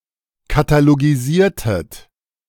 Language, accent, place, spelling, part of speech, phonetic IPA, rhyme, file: German, Germany, Berlin, katalogisiertet, verb, [kataloɡiˈziːɐ̯tət], -iːɐ̯tət, De-katalogisiertet.ogg
- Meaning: inflection of katalogisieren: 1. second-person plural preterite 2. second-person plural subjunctive II